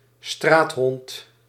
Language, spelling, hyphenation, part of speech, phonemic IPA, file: Dutch, straathond, straat‧hond, noun, /ˈstraːt.ɦɔnt/, Nl-straathond.ogg
- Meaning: stray dog, street dog